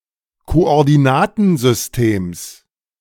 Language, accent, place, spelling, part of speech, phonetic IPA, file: German, Germany, Berlin, Koordinatensystems, noun, [koʔɔʁdiˈnaːtn̩zʏsˌteːms], De-Koordinatensystems.ogg
- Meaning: genitive singular of Koordinatensystem